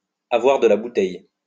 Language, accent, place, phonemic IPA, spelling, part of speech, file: French, France, Lyon, /a.vwaʁ də la bu.tɛj/, avoir de la bouteille, verb, LL-Q150 (fra)-avoir de la bouteille.wav
- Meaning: to be experienced, to have experience with age